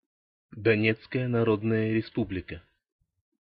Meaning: Donetsk People's Republic (a self-proclaimed quasi-state, internationally recognized as part of country of Ukraine; one of two members of the Confederation of Novorossiya.)
- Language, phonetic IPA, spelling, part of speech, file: Russian, [dɐˈnʲet͡skəjə nɐˈrodnəjə rʲɪˈspublʲɪkə], Донецкая Народная Республика, proper noun, Ru-Донецкая Народная Республика.ogg